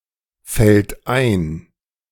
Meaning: third-person singular present of einfallen
- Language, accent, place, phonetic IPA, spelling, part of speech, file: German, Germany, Berlin, [ˌfɛlt ˈaɪ̯n], fällt ein, verb, De-fällt ein.ogg